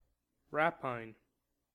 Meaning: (noun) The seizure of someone's property by force; pillage; plunder; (verb) To plunder
- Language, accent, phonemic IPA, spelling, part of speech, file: English, US, /ˈɹæpaɪn/, rapine, noun / verb, En-us-rapine.ogg